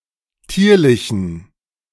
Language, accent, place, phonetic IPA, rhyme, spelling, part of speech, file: German, Germany, Berlin, [ˈtiːɐ̯lɪçn̩], -iːɐ̯lɪçn̩, tierlichen, adjective, De-tierlichen.ogg
- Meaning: inflection of tierlich: 1. strong genitive masculine/neuter singular 2. weak/mixed genitive/dative all-gender singular 3. strong/weak/mixed accusative masculine singular 4. strong dative plural